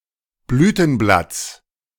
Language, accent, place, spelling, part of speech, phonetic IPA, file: German, Germany, Berlin, Blütenblatts, noun, [ˈblyːtn̩ˌblat͡s], De-Blütenblatts.ogg
- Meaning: genitive singular of Blütenblatt